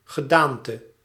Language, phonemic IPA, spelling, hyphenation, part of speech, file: Dutch, /ɣəˈdaːn.tə/, gedaante, ge‧daan‧te, noun, Nl-gedaante.ogg
- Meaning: form, appearance